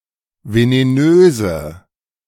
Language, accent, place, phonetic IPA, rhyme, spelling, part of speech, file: German, Germany, Berlin, [veneˈnøːzə], -øːzə, venenöse, adjective, De-venenöse.ogg
- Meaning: inflection of venenös: 1. strong/mixed nominative/accusative feminine singular 2. strong nominative/accusative plural 3. weak nominative all-gender singular 4. weak accusative feminine/neuter singular